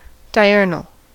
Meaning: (adjective) 1. Happening or occurring during daylight, or primarily active during that time 2. Said of a flower that is open, or releasing its perfume during daylight hours, but not at night
- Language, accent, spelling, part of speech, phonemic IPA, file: English, US, diurnal, adjective / noun, /daɪˈɝ.nəl/, En-us-diurnal.ogg